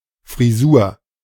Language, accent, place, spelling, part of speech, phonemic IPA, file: German, Germany, Berlin, Frisur, noun, /friˈzuːr/, De-Frisur.ogg
- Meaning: 1. haircut (way hair is cut) 2. hairdo; hairstyle (way hair is arranged)